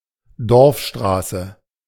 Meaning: Primary road in smaller settlements and villages
- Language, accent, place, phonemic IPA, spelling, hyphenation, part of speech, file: German, Germany, Berlin, /ˈdɔrfˌʃtʁaːsə/, Dorfstraße, Dorf‧stra‧ße, noun, De-Dorfstraße.ogg